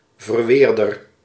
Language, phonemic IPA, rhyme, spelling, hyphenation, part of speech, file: Dutch, /vərˈʋeːr.dər/, -eːrdər, verweerder, ver‧weer‧der, noun, Nl-verweerder.ogg
- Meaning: defendant